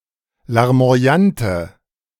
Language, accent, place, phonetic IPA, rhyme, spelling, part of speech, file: German, Germany, Berlin, [laʁmo̯aˈjantə], -antə, larmoyante, adjective, De-larmoyante.ogg
- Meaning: inflection of larmoyant: 1. strong/mixed nominative/accusative feminine singular 2. strong nominative/accusative plural 3. weak nominative all-gender singular